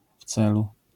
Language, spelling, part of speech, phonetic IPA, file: Polish, w celu, prepositional phrase, [ˈf‿t͡sɛlu], LL-Q809 (pol)-w celu.wav